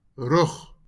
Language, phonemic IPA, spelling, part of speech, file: Afrikaans, /rœχ/, rug, noun, LL-Q14196 (afr)-rug.wav
- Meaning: 1. back (rear of the body) 2. hill; ridge